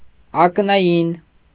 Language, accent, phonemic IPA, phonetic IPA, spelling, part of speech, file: Armenian, Eastern Armenian, /ɑknɑˈjin/, [ɑknɑjín], ակնային, adjective, Hy-ակնային.ogg
- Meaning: ocular